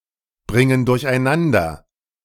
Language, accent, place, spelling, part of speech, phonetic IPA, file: German, Germany, Berlin, bringen durcheinander, verb, [ˌbʁɪŋən dʊʁçʔaɪ̯ˈnandɐ], De-bringen durcheinander.ogg
- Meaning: inflection of durcheinanderbringen: 1. first/third-person plural present 2. first/third-person plural subjunctive I